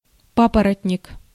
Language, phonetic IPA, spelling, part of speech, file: Russian, [ˈpapərətʲnʲɪk], папоротник, noun, Ru-папоротник.ogg
- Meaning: fern